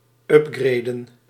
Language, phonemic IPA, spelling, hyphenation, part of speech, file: Dutch, /ˈʏpˌɡreː.də(n)/, upgraden, up‧gra‧den, verb, Nl-upgraden.ogg
- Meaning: to upgrade